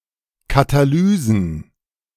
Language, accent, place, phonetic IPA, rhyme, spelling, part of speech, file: German, Germany, Berlin, [kataˈlyːzn̩], -yːzn̩, Katalysen, noun, De-Katalysen.ogg
- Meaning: plural of Katalyse